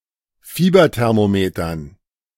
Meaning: dative plural of Fieberthermometer
- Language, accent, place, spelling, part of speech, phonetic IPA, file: German, Germany, Berlin, Fieberthermometern, noun, [ˈfiːbɐtɛʁmoˌmeːtɐn], De-Fieberthermometern.ogg